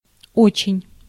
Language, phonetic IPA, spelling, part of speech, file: Russian, [ˈot͡ɕɪnʲ], очень, adverb / adjective, Ru-очень.ogg
- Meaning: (adverb) very, really, much, very much; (adjective) not very good, not very well